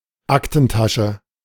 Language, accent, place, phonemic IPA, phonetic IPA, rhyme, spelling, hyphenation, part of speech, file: German, Germany, Berlin, /ˈaktənˌtaʃə/, [ˈʔäktn̩ˌtäʃə], -aʃə, Aktentasche, Ak‧ten‧ta‧sche, noun, De-Aktentasche.ogg
- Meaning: briefcase